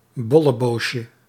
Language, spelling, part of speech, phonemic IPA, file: Dutch, bolleboosje, noun, /ˌbɔləˈboʃə/, Nl-bolleboosje.ogg
- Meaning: diminutive of bolleboos